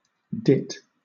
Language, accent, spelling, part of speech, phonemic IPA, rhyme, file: English, Southern England, dit, verb / noun / adjective, /dɪt/, -ɪt, LL-Q1860 (eng)-dit.wav
- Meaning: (verb) 1. To stop up; block (an opening); close (compare Scots dit) 2. To close up; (noun) 1. A ditty, a little melody 2. A word; a decree